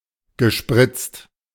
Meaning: past participle of spritzen
- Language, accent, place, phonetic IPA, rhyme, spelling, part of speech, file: German, Germany, Berlin, [ɡəˈʃpʁɪt͡st], -ɪt͡st, gespritzt, verb, De-gespritzt.ogg